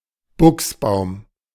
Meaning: boxwood
- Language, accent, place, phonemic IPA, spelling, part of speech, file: German, Germany, Berlin, /ˈbʊksˌbaʊ̯m/, Buchsbaum, noun, De-Buchsbaum.ogg